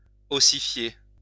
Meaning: to ossify (turn to bone)
- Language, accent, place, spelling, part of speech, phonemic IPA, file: French, France, Lyon, ossifier, verb, /ɔ.si.fje/, LL-Q150 (fra)-ossifier.wav